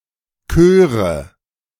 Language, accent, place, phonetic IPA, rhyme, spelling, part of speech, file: German, Germany, Berlin, [ˈkøːʁə], -øːʁə, köre, verb, De-köre.ogg
- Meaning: first/third-person singular subjunctive II of kiesen